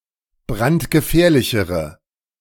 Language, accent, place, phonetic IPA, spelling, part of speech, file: German, Germany, Berlin, [ˈbʁantɡəˌfɛːɐ̯lɪçəʁə], brandgefährlichere, adjective, De-brandgefährlichere.ogg
- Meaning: inflection of brandgefährlich: 1. strong/mixed nominative/accusative feminine singular comparative degree 2. strong nominative/accusative plural comparative degree